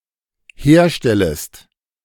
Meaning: second-person singular dependent subjunctive I of herstellen
- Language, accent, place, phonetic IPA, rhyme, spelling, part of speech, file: German, Germany, Berlin, [ˈheːɐ̯ˌʃtɛləst], -eːɐ̯ʃtɛləst, herstellest, verb, De-herstellest.ogg